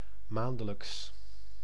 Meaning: monthly, related to a month, occurring during a month or every month
- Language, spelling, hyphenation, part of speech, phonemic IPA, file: Dutch, maandelijks, maan‧de‧lijks, adverb, /ˈmaːn.də.ləks/, Nl-maandelijks.ogg